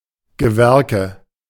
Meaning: 1. mining shareholder 2. nominative/accusative/genitive plural of Gewerk 3. dative singular of Gewerk
- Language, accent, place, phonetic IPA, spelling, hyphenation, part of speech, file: German, Germany, Berlin, [ɡəˈvɛʁkə], Gewerke, Ge‧wer‧ke, noun, De-Gewerke.ogg